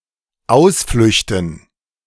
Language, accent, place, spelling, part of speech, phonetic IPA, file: German, Germany, Berlin, Ausflüchten, noun, [ˈaʊ̯sflʏçtən], De-Ausflüchten.ogg
- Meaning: dative plural of Ausflucht